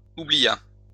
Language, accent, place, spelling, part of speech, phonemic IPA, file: French, France, Lyon, oublia, verb, /u.bli.ja/, LL-Q150 (fra)-oublia.wav
- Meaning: third-person singular past historic of oublier